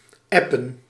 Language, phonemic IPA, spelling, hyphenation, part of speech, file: Dutch, /ˈɛpə(n)/, appen, ap‧pen, verb, Nl-appen.ogg
- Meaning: to send a message using a mobile app